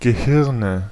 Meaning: nominative/accusative/genitive plural of Gehirn
- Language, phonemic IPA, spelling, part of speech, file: German, /ɡəˈhɪʁnə/, Gehirne, noun, De-Gehirne.ogg